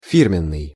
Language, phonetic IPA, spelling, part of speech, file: Russian, [ˈfʲirmʲɪn(ː)ɨj], фирменный, adjective, Ru-фирменный.ogg
- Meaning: 1. firm, company, brand; proprietary 2. very good, high-quality